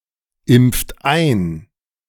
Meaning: inflection of einimpfen: 1. third-person singular present 2. second-person plural present 3. plural imperative
- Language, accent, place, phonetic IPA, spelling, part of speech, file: German, Germany, Berlin, [ˌɪmp͡ft ˈaɪ̯n], impft ein, verb, De-impft ein.ogg